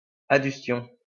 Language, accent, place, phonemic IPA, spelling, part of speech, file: French, France, Lyon, /a.dys.tjɔ̃/, adustion, noun, LL-Q150 (fra)-adustion.wav
- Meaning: cauterization